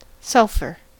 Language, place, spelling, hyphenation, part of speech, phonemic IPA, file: English, California, sulfur, sul‧fur, noun / adjective / verb, /ˈsʌl.fɚ/, En-us-sulfur.ogg
- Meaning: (noun) A chemical element with atomic number 16, having a bright yellow color and characteristic smell, used commercially in a variety of products such as insecticides, black powder, and matchsticks